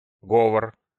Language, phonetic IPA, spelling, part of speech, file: Russian, [ˈɡovər], говор, noun, Ru-говор.ogg
- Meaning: 1. the sound of talking, the sound of voices, the sound of speech 2. murmur 3. dialect, patois, regionalism 4. pronunciation, accent